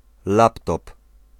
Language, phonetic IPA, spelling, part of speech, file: Polish, [ˈlaptɔp], laptop, noun, Pl-laptop.ogg